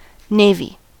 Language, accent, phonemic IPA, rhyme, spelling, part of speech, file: English, US, /ˈneɪvi/, -eɪvi, navy, noun / adjective, En-us-navy.ogg
- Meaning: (noun) 1. A country's entire maritime military force, including ships and personnel 2. A governmental department in charge of a country's maritime military force